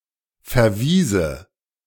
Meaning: first/third-person singular subjunctive II of verweisen
- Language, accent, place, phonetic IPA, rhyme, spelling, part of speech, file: German, Germany, Berlin, [fɛɐ̯ˈviːzə], -iːzə, verwiese, verb, De-verwiese.ogg